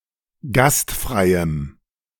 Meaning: strong dative masculine/neuter singular of gastfrei
- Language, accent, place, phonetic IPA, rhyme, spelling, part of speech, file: German, Germany, Berlin, [ˈɡastˌfʁaɪ̯əm], -astfʁaɪ̯əm, gastfreiem, adjective, De-gastfreiem.ogg